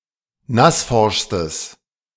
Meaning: strong/mixed nominative/accusative neuter singular superlative degree of nassforsch
- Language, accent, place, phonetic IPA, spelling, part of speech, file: German, Germany, Berlin, [ˈnasˌfɔʁʃstəs], nassforschstes, adjective, De-nassforschstes.ogg